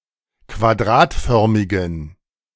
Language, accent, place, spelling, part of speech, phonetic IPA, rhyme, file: German, Germany, Berlin, quadratförmigen, adjective, [kvaˈdʁaːtˌfœʁmɪɡn̩], -aːtfœʁmɪɡn̩, De-quadratförmigen.ogg
- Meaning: inflection of quadratförmig: 1. strong genitive masculine/neuter singular 2. weak/mixed genitive/dative all-gender singular 3. strong/weak/mixed accusative masculine singular 4. strong dative plural